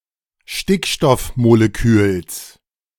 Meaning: genitive singular of Stickstoffmolekül
- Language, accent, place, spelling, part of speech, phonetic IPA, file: German, Germany, Berlin, Stickstoffmoleküls, noun, [ˈʃtɪkʃtɔfmoleˌkyːls], De-Stickstoffmoleküls.ogg